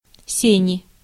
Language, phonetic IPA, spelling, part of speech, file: Russian, [ˈsʲenʲɪ], сени, noun, Ru-сени.ogg